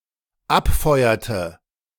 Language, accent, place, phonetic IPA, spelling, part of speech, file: German, Germany, Berlin, [ˈapˌfɔɪ̯ɐtə], abfeuerte, verb, De-abfeuerte.ogg
- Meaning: inflection of abfeuern: 1. first/third-person singular dependent preterite 2. first/third-person singular dependent subjunctive II